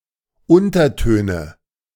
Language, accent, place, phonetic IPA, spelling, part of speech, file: German, Germany, Berlin, [ˈʊntɐˌtøːnə], Untertöne, noun, De-Untertöne.ogg
- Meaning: nominative/accusative/genitive plural of Unterton